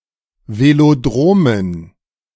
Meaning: dative plural of Velodrom
- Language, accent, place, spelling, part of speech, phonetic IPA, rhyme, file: German, Germany, Berlin, Velodromen, noun, [veloˈdʁoːmən], -oːmən, De-Velodromen.ogg